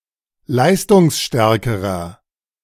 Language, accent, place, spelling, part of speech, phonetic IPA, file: German, Germany, Berlin, leistungsstärkerer, adjective, [ˈlaɪ̯stʊŋsˌʃtɛʁkəʁɐ], De-leistungsstärkerer.ogg
- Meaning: inflection of leistungsstark: 1. strong/mixed nominative masculine singular comparative degree 2. strong genitive/dative feminine singular comparative degree